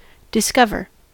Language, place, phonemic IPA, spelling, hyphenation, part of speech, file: English, California, /dɪˈskʌvɚ/, discover, dis‧cov‧er, verb, En-us-discover.ogg
- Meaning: 1. To find or learn something for the first time 2. To remove the cover from; to uncover (a head, building etc.) 3. To expose, uncover